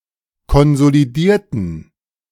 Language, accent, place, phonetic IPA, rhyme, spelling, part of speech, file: German, Germany, Berlin, [kɔnzoliˈdiːɐ̯tn̩], -iːɐ̯tn̩, konsolidierten, adjective / verb, De-konsolidierten.ogg
- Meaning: inflection of konsolidieren: 1. first/third-person plural preterite 2. first/third-person plural subjunctive II